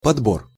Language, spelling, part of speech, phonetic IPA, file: Russian, подбор, noun, [pɐdˈbor], Ru-подбор.ogg
- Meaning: selection, assortment